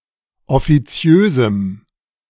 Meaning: strong dative masculine/neuter singular of offiziös
- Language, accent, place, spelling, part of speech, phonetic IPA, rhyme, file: German, Germany, Berlin, offiziösem, adjective, [ɔfiˈt͡si̯øːzm̩], -øːzm̩, De-offiziösem.ogg